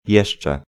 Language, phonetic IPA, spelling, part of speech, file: Polish, [ˈjɛʃt͡ʃɛ], jeszcze, particle, Pl-jeszcze.ogg